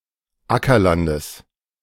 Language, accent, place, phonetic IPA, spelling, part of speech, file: German, Germany, Berlin, [ˈakɐˌlandəs], Ackerlandes, noun, De-Ackerlandes.ogg
- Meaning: genitive singular of Ackerland